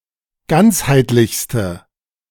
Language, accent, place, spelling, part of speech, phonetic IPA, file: German, Germany, Berlin, ganzheitlichste, adjective, [ˈɡant͡shaɪ̯tlɪçstə], De-ganzheitlichste.ogg
- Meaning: inflection of ganzheitlich: 1. strong/mixed nominative/accusative feminine singular superlative degree 2. strong nominative/accusative plural superlative degree